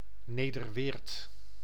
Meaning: Nederweert (a village and municipality of Limburg, Netherlands)
- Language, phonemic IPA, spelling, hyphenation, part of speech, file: Dutch, /ˌneːdərˈʋeːrt/, Nederweert, Ne‧der‧weert, proper noun, Nl-Nederweert.ogg